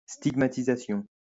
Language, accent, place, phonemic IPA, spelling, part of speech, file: French, France, Lyon, /stiɡ.ma.ti.za.sjɔ̃/, stigmatisation, noun, LL-Q150 (fra)-stigmatisation.wav
- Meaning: 1. stigmatization 2. outcasting, harsh criticism